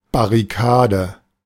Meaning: barricade
- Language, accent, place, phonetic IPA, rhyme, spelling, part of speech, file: German, Germany, Berlin, [baʁiˈkaːdə], -aːdə, Barrikade, noun, De-Barrikade.ogg